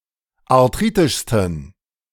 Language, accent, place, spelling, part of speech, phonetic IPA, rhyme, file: German, Germany, Berlin, arthritischsten, adjective, [aʁˈtʁiːtɪʃstn̩], -iːtɪʃstn̩, De-arthritischsten.ogg
- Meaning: 1. superlative degree of arthritisch 2. inflection of arthritisch: strong genitive masculine/neuter singular superlative degree